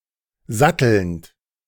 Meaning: present participle of satteln
- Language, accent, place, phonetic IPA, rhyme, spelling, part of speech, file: German, Germany, Berlin, [ˈzatl̩nt], -atl̩nt, sattelnd, verb, De-sattelnd.ogg